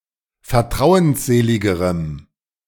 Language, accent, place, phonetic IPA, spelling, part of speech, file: German, Germany, Berlin, [fɛɐ̯ˈtʁaʊ̯ənsˌzeːlɪɡəʁəm], vertrauensseligerem, adjective, De-vertrauensseligerem.ogg
- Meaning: strong dative masculine/neuter singular comparative degree of vertrauensselig